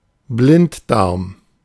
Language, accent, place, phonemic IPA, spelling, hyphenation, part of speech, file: German, Germany, Berlin, /ˈblɪnt.daʁm/, Blinddarm, Blind‧darm, noun, De-Blinddarm.ogg
- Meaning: 1. caecum 2. appendix